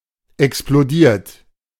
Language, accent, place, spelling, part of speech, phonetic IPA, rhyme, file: German, Germany, Berlin, explodiert, adjective / verb, [ɛksploˈdiːɐ̯t], -iːɐ̯t, De-explodiert.ogg
- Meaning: 1. past participle of explodieren 2. inflection of explodieren: third-person singular present 3. inflection of explodieren: second-person plural present 4. inflection of explodieren: plural imperative